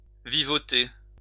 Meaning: to struggle, to get by, make ends meet (live without luxury)
- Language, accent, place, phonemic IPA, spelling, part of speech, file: French, France, Lyon, /vi.vɔ.te/, vivoter, verb, LL-Q150 (fra)-vivoter.wav